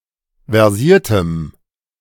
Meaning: strong dative masculine/neuter singular of versiert
- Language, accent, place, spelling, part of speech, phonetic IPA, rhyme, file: German, Germany, Berlin, versiertem, adjective, [vɛʁˈziːɐ̯təm], -iːɐ̯təm, De-versiertem.ogg